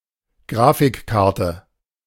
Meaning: video card
- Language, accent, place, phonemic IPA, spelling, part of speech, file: German, Germany, Berlin, /ˈɡʁaːfɪkˌkaʁtə/, Grafikkarte, noun, De-Grafikkarte.ogg